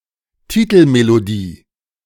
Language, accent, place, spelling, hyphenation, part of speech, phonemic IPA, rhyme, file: German, Germany, Berlin, Titelmelodie, Ti‧tel‧me‧lo‧die, noun, /ˈtiːtlmeloˌdiː/, -iː, De-Titelmelodie.ogg
- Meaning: title melody, signature tune, theme tune